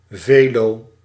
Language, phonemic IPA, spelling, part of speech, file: Dutch, /veˈlo/, velo, noun, Nl-velo.ogg
- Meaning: bicycle